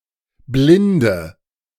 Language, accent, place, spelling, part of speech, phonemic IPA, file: German, Germany, Berlin, blinde, adjective, /ˈblɪndə/, De-blinde.ogg
- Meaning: inflection of blind: 1. strong/mixed nominative/accusative feminine singular 2. strong nominative/accusative plural 3. weak nominative all-gender singular 4. weak accusative feminine/neuter singular